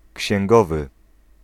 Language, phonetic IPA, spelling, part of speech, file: Polish, [cɕɛ̃ŋˈɡɔvɨ], księgowy, noun / adjective, Pl-księgowy.ogg